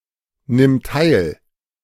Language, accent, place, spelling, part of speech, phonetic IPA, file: German, Germany, Berlin, nimm teil, verb, [ˌnɪm ˈtaɪ̯l], De-nimm teil.ogg
- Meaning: singular imperative of teilnehmen